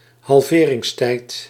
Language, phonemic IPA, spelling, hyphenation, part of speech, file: Dutch, /ɦɑlˈveː.rɪŋsˌtɛi̯t/, halveringstijd, hal‧ve‧rings‧tijd, noun, Nl-halveringstijd.ogg
- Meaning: half-life